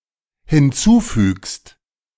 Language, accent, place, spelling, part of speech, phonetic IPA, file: German, Germany, Berlin, hinzufügst, verb, [hɪnˈt͡suːˌfyːkst], De-hinzufügst.ogg
- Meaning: second-person singular dependent present of hinzufügen